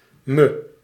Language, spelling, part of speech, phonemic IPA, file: Dutch, me, pronoun, /mə/, Nl-me.ogg
- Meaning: 1. unstressed form of mij (“me”) 2. myself; first-person singular reflexive pronoun 3. me, myself (the ethical dative) 4. pronunciation spelling of mijn (“my”)